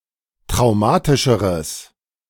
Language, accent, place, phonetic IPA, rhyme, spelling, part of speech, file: German, Germany, Berlin, [tʁaʊ̯ˈmaːtɪʃəʁəs], -aːtɪʃəʁəs, traumatischeres, adjective, De-traumatischeres.ogg
- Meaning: strong/mixed nominative/accusative neuter singular comparative degree of traumatisch